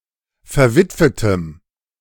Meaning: strong dative masculine/neuter singular of verwitwet
- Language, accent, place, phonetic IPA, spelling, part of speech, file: German, Germany, Berlin, [fɛɐ̯ˈvɪtvətəm], verwitwetem, adjective, De-verwitwetem.ogg